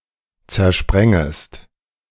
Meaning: second-person singular subjunctive I of zersprengen
- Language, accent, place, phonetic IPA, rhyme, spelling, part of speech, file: German, Germany, Berlin, [t͡sɛɐ̯ˈʃpʁɛŋəst], -ɛŋəst, zersprengest, verb, De-zersprengest.ogg